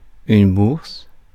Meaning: 1. coin purse 2. a purseful of money; by extension, any sum of money available to be paid 3. financial grant 4. bourse, stock exchange 5. the scrotum 6. balls
- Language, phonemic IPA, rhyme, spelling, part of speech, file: French, /buʁs/, -uʁs, bourse, noun, Fr-bourse.ogg